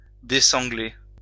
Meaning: to ungirth, to loosen the girth
- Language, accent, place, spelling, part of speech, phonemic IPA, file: French, France, Lyon, dessangler, verb, /de.sɑ̃.ɡle/, LL-Q150 (fra)-dessangler.wav